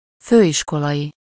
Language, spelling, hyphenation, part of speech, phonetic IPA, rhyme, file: Hungarian, főiskolai, fő‧is‧ko‧lai, adjective, [ˈføːjiʃkolɒji], -ji, Hu-főiskolai.ogg
- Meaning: collegiate, college (of or relating to college)